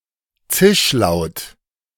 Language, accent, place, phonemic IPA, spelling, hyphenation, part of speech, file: German, Germany, Berlin, /ˈt͡sɪʃˌlaʊ̯t/, Zischlaut, Zisch‧laut, noun, De-Zischlaut.ogg
- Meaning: sibilant